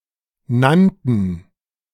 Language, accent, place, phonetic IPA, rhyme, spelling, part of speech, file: German, Germany, Berlin, [ˈnantn̩], -antn̩, nannten, verb, De-nannten.ogg
- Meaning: first/third-person plural preterite of nennen